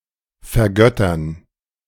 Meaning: to worship, deify (treat someone/something as sacred, godlike, worthy of veneration)
- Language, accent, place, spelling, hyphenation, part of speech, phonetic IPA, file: German, Germany, Berlin, vergöttern, ver‧göt‧tern, verb, [fɛɐ̯ˈɡœtɐn], De-vergöttern.ogg